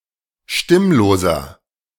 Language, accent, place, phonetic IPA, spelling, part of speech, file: German, Germany, Berlin, [ˈʃtɪmloːzɐ], stimmloser, adjective, De-stimmloser.ogg
- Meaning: inflection of stimmlos: 1. strong/mixed nominative masculine singular 2. strong genitive/dative feminine singular 3. strong genitive plural